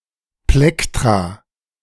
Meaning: plural of Plektron
- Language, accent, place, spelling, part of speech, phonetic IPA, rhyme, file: German, Germany, Berlin, Plektra, noun, [ˈplɛktʁaː], -ɛktʁa, De-Plektra.ogg